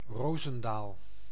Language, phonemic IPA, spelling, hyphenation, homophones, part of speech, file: Dutch, /ˈroː.zə(n)ˌdaːl/, Roosendaal, Roo‧sen‧daal, Rozendaal, proper noun, Nl-Roosendaal.ogg
- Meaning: Roosendaal (a city and municipality of North Brabant, Netherlands)